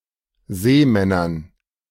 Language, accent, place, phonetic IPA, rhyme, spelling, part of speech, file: German, Germany, Berlin, [ˈzeːˌmɛnɐn], -eːmɛnɐn, Seemännern, noun, De-Seemännern.ogg
- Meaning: dative plural of Seemann